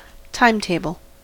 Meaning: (noun) A tabular schedule of events with the times at which they occur, especially times of arrivals and departures
- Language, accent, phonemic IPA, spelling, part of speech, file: English, US, /ˈtaɪmˌteɪbəl/, timetable, noun / verb, En-us-timetable.ogg